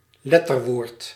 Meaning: acronym, word formed by initial letters of abbreviated terms
- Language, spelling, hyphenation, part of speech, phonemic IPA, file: Dutch, letterwoord, let‧ter‧woord, noun, /ˈlɛtərˌwort/, Nl-letterwoord.ogg